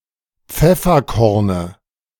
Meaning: dative of Pfefferkorn
- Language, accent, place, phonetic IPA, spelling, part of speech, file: German, Germany, Berlin, [ˈp͡fɛfɐˌkɔʁnə], Pfefferkorne, noun, De-Pfefferkorne.ogg